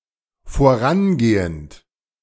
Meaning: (verb) present participle of vorangehen; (adjective) 1. foregoing 2. preceding
- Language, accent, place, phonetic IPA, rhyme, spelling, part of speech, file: German, Germany, Berlin, [foˈʁanˌɡeːənt], -anɡeːənt, vorangehend, verb, De-vorangehend.ogg